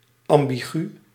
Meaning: ambiguous
- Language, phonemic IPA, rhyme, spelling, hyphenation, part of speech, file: Dutch, /ˌɑm.biˈɣy/, -y, ambigu, am‧bi‧gu, adjective, Nl-ambigu.ogg